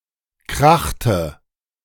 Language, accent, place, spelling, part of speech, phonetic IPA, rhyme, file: German, Germany, Berlin, krachte, verb, [ˈkʁaxtə], -axtə, De-krachte.ogg
- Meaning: inflection of krachen: 1. first/third-person singular preterite 2. first/third-person singular subjunctive II